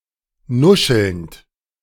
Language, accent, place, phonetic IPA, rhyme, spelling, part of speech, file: German, Germany, Berlin, [ˈnʊʃl̩nt], -ʊʃl̩nt, nuschelnd, verb, De-nuschelnd.ogg
- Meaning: present participle of nuscheln